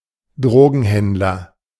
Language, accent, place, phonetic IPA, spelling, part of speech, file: German, Germany, Berlin, [ˈdʁoːɡn̩ˌhɛndlɐ], Drogenhändler, noun, De-Drogenhändler.ogg
- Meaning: drug dealer